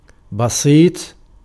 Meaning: 1. wide, extended, spread out 2. easy, simple
- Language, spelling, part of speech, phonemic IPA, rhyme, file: Arabic, بسيط, adjective, /ba.siːtˤ/, -iːtˤ, Ar-بسيط.ogg